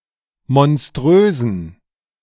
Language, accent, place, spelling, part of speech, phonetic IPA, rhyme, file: German, Germany, Berlin, monströsen, adjective, [mɔnˈstʁøːzn̩], -øːzn̩, De-monströsen.ogg
- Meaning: inflection of monströs: 1. strong genitive masculine/neuter singular 2. weak/mixed genitive/dative all-gender singular 3. strong/weak/mixed accusative masculine singular 4. strong dative plural